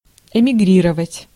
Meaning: to emigrate (to leave one's country in order to reside elsewhere)
- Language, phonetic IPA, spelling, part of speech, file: Russian, [ɪmʲɪˈɡrʲirəvətʲ], эмигрировать, verb, Ru-эмигрировать.ogg